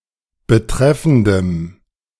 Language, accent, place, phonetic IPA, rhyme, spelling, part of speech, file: German, Germany, Berlin, [bəˈtʁɛfn̩dəm], -ɛfn̩dəm, betreffendem, adjective, De-betreffendem.ogg
- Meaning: strong dative masculine/neuter singular of betreffend